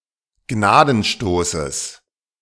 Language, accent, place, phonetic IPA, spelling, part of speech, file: German, Germany, Berlin, [ˈɡnaːdn̩ˌʃtoːsəs], Gnadenstoßes, noun, De-Gnadenstoßes.ogg
- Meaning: genitive singular of Gnadenstoß